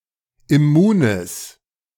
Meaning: strong/mixed nominative/accusative neuter singular of immun
- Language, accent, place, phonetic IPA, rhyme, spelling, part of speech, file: German, Germany, Berlin, [ɪˈmuːnəs], -uːnəs, immunes, adjective, De-immunes.ogg